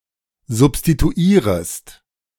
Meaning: second-person singular subjunctive I of substituieren
- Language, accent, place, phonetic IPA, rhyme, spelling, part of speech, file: German, Germany, Berlin, [zʊpstituˈiːʁəst], -iːʁəst, substituierest, verb, De-substituierest.ogg